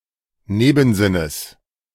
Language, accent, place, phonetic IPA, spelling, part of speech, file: German, Germany, Berlin, [ˈneːbn̩ˌzɪnəs], Nebensinnes, noun, De-Nebensinnes.ogg
- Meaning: genitive singular of Nebensinn